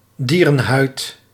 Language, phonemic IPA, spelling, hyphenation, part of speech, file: Dutch, /ˈdiː.rə(n)ˌɦœy̯t/, dierenhuid, die‧ren‧huid, noun, Nl-dierenhuid.ogg
- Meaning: animal skin, animal hide, rawhide